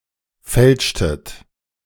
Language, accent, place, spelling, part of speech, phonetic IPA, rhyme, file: German, Germany, Berlin, fälschtet, verb, [ˈfɛlʃtət], -ɛlʃtət, De-fälschtet.ogg
- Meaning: inflection of fälschen: 1. second-person plural preterite 2. second-person plural subjunctive II